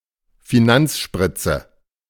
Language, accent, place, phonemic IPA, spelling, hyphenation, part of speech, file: German, Germany, Berlin, /fiˈnant͡sˌʃpʁɪt͡sə/, Finanzspritze, Fi‧nanz‧sprit‧ze, noun, De-Finanzspritze.ogg
- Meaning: liquidity injection